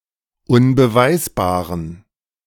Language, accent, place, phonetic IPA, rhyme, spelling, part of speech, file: German, Germany, Berlin, [ʊnbəˈvaɪ̯sbaːʁən], -aɪ̯sbaːʁən, unbeweisbaren, adjective, De-unbeweisbaren.ogg
- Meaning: inflection of unbeweisbar: 1. strong genitive masculine/neuter singular 2. weak/mixed genitive/dative all-gender singular 3. strong/weak/mixed accusative masculine singular 4. strong dative plural